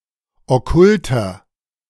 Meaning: 1. comparative degree of okkult 2. inflection of okkult: strong/mixed nominative masculine singular 3. inflection of okkult: strong genitive/dative feminine singular
- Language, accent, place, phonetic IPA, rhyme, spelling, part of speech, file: German, Germany, Berlin, [ɔˈkʊltɐ], -ʊltɐ, okkulter, adjective, De-okkulter.ogg